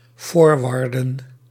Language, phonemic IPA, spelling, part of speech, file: Dutch, /ˈfɔrʋɑrdə(n)/, forwarden, verb, Nl-forwarden.ogg
- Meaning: to forward (an e-mail)